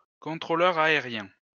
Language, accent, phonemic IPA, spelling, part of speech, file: French, France, /kɔ̃.tʁo.lœʁ a.e.ʁjɛ̃/, contrôleur aérien, noun, LL-Q150 (fra)-contrôleur aérien.wav
- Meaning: air traffic controller, ATC